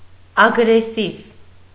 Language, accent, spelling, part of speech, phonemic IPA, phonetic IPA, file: Armenian, Eastern Armenian, ագրեսիվ, adjective, /ɑɡɾeˈsiv/, [ɑɡɾesív], Hy-ագրեսիվ.ogg
- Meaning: aggressive